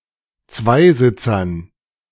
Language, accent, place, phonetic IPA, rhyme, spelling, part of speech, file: German, Germany, Berlin, [ˈt͡svaɪ̯ˌzɪt͡sɐn], -aɪ̯zɪt͡sɐn, Zweisitzern, noun, De-Zweisitzern.ogg
- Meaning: dative plural of Zweisitzer